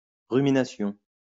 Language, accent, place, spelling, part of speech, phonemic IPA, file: French, France, Lyon, rumination, noun, /ʁy.mi.na.sjɔ̃/, LL-Q150 (fra)-rumination.wav
- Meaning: rumination (act of ruminating)